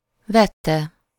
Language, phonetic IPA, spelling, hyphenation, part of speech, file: Hungarian, [ˈvɛtːɛ], vette, vet‧te, verb, Hu-vette.ogg
- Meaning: third-person singular indicative past definite of vesz